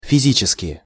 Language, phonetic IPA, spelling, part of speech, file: Russian, [fʲɪˈzʲit͡ɕɪskʲɪ], физически, adverb, Ru-физически.ogg
- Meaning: physically